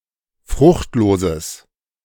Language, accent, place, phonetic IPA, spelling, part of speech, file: German, Germany, Berlin, [ˈfʁʊxtˌloːzəs], fruchtloses, adjective, De-fruchtloses.ogg
- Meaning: strong/mixed nominative/accusative neuter singular of fruchtlos